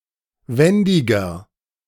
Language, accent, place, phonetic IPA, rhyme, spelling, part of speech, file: German, Germany, Berlin, [ˈvɛndɪɡɐ], -ɛndɪɡɐ, wendiger, adjective, De-wendiger.ogg
- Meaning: 1. comparative degree of wendig 2. inflection of wendig: strong/mixed nominative masculine singular 3. inflection of wendig: strong genitive/dative feminine singular